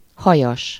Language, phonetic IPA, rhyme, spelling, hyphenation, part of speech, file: Hungarian, [ˈhɒjɒʃ], -ɒʃ, hajas, ha‧jas, adjective, Hu-hajas.ogg
- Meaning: hairy, covered with hair